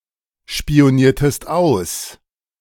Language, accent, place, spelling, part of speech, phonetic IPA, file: German, Germany, Berlin, spioniertest aus, verb, [ʃpi̯oˌniːɐ̯təst ˈaʊ̯s], De-spioniertest aus.ogg
- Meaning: inflection of ausspionieren: 1. second-person singular preterite 2. second-person singular subjunctive II